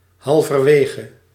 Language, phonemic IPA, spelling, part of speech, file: Dutch, /ˌhɑlvərˈweɣə/, halverwege, adverb / preposition, Nl-halverwege.ogg
- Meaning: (adverb) halfway through